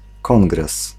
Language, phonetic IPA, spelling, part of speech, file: Polish, [ˈkɔ̃ŋɡrɛs], kongres, noun, Pl-kongres.ogg